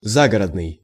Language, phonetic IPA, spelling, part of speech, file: Russian, [ˈzaɡərədnɨj], загородный, adjective, Ru-загородный.ogg
- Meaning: 1. country; rural 2. out-of-town 3. suburban